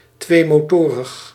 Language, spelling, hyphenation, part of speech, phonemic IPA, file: Dutch, tweemotorig, twee‧mo‧to‧rig, adjective, /ˌtʋeː.moːˈtoː.rəx/, Nl-tweemotorig.ogg
- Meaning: having two engines (of motorised means of transport)